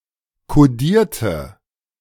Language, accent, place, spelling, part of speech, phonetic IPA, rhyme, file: German, Germany, Berlin, kodierte, adjective / verb, [koˈdiːɐ̯tə], -iːɐ̯tə, De-kodierte.ogg
- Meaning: inflection of kodieren: 1. first/third-person singular preterite 2. first/third-person singular subjunctive II